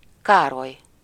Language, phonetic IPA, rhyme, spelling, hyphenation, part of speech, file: Hungarian, [ˈkaːroj], -oj, Károly, Ká‧roly, proper noun, Hu-Károly.ogg
- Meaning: A male given name, equivalent to English Charles